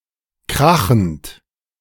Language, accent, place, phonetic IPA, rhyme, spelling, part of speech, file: German, Germany, Berlin, [ˈkʁaxn̩t], -axn̩t, krachend, verb, De-krachend.ogg
- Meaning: present participle of krachen